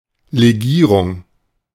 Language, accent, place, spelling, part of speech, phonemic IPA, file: German, Germany, Berlin, Legierung, noun, /leˈɡiːʁʊŋ/, De-Legierung.ogg
- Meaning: alloy, alloying